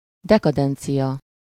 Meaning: decadence
- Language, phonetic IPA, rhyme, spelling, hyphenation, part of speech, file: Hungarian, [ˈdɛkɒdɛnt͡sijɒ], -jɒ, dekadencia, de‧ka‧den‧cia, noun, Hu-dekadencia.ogg